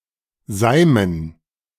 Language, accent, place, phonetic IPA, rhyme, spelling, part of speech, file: German, Germany, Berlin, [ˈzaɪ̯mən], -aɪ̯mən, Seimen, noun, De-Seimen.ogg
- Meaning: dative plural of Seim